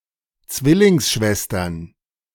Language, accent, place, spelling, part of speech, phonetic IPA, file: German, Germany, Berlin, Zwillingsschwestern, noun, [ˈt͡svɪlɪŋsˌʃvɛstɐn], De-Zwillingsschwestern.ogg
- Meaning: plural of Zwillingsschwester